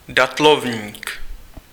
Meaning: date palm (any tree of the genus Phoenix)
- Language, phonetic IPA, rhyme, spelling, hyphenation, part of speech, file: Czech, [ˈdatlovɲiːk], -ovɲiːk, datlovník, dat‧lov‧ník, noun, Cs-datlovník.ogg